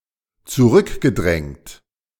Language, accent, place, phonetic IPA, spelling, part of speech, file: German, Germany, Berlin, [t͡suˈʁʏkɡəˌdʁɛŋt], zurückgedrängt, verb, De-zurückgedrängt.ogg
- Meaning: past participle of zurückdrängen